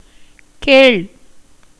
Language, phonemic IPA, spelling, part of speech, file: Tamil, /keːɭ/, கேள், verb, Ta-கேள்.ogg
- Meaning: 1. to listen to, hear 2. to ask, question, inquire 3. to investigate 4. to request, solicit 5. to require, demand, claim 6. to be informed of 7. to avenge, punish